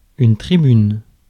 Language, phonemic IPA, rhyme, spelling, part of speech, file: French, /tʁi.byn/, -yn, tribune, noun, Fr-tribune.ogg
- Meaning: 1. platform, rostrum, podium 2. stand, grandstand 3. gallery